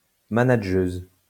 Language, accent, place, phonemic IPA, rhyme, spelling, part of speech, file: French, France, Lyon, /ma.na.ʒøz/, -øz, manageuse, noun, LL-Q150 (fra)-manageuse.wav
- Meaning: female equivalent of manageur